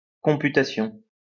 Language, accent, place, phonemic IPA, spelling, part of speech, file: French, France, Lyon, /kɔ̃.py.ta.sjɔ̃/, computation, noun, LL-Q150 (fra)-computation.wav
- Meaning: computation